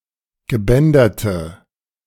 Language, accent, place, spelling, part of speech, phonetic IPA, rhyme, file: German, Germany, Berlin, gebänderte, adjective, [ɡəˈbɛndɐtə], -ɛndɐtə, De-gebänderte.ogg
- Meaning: inflection of gebändert: 1. strong/mixed nominative/accusative feminine singular 2. strong nominative/accusative plural 3. weak nominative all-gender singular